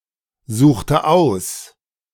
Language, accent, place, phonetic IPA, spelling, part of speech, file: German, Germany, Berlin, [ˌzuːxtə ˈaʊ̯s], suchte aus, verb, De-suchte aus.ogg
- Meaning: inflection of aussuchen: 1. first/third-person singular preterite 2. first/third-person singular subjunctive II